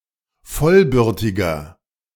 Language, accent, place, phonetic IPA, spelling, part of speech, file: German, Germany, Berlin, [ˈfɔlˌbʏʁtɪɡɐ], vollbürtiger, adjective, De-vollbürtiger.ogg
- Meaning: inflection of vollbürtig: 1. strong/mixed nominative masculine singular 2. strong genitive/dative feminine singular 3. strong genitive plural